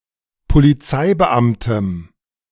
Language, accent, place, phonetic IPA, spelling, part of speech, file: German, Germany, Berlin, [poliˈt͡saɪ̯bəˌʔamtəm], Polizeibeamtem, noun, De-Polizeibeamtem.ogg
- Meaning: strong dative singular of Polizeibeamter